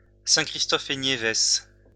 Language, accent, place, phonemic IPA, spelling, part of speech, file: French, France, Lyon, /sɛ̃.kʁis.tɔ.f‿e.nje.vɛs/, Saint-Christophe-et-Niévès, proper noun, LL-Q150 (fra)-Saint-Christophe-et-Niévès.wav
- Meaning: Saint Kitts and Nevis (a country comprising the islands of Saint Kitts and Nevis in the Caribbean)